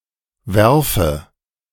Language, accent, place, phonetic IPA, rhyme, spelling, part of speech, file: German, Germany, Berlin, [ˈvɛʁfə], -ɛʁfə, werfe, verb, De-werfe.ogg
- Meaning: inflection of werfen: 1. first-person singular present 2. first/third-person singular subjunctive I